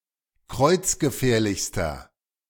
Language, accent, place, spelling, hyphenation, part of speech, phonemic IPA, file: German, Germany, Berlin, kreuzgefährlichster, kreuz‧ge‧fähr‧lichs‧ter, adjective, /ˈkʁɔɪ̯t͡s̯ɡəˌfɛːɐ̯lɪçstɐ/, De-kreuzgefährlichster.ogg
- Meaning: inflection of kreuzgefährlich: 1. strong/mixed nominative masculine singular superlative degree 2. strong genitive/dative feminine singular superlative degree